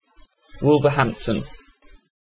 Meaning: A city and metropolitan borough in the West Midlands, England. Historically it was in Staffordshire
- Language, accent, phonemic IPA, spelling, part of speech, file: English, UK, /ˌwʊlvə(ɹ)ˈhæm(p)tən/, Wolverhampton, proper noun, En-uk-Wolverhampton.ogg